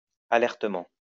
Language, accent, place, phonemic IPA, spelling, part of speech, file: French, France, Lyon, /a.lɛʁ.tə.mɑ̃/, alertement, adverb, LL-Q150 (fra)-alertement.wav
- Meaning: alertly